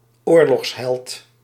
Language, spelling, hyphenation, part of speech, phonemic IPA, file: Dutch, oorlogsheld, oor‧logs‧held, noun, /ˈoːrlɔɣsɦɛlt/, Nl-oorlogsheld.ogg
- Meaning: war hero